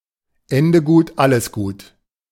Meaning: all's well that ends well
- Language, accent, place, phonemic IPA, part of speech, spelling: German, Germany, Berlin, /ˈɛndə ˌɡuːt ˈaləs ˌɡuːt/, proverb, Ende gut, alles gut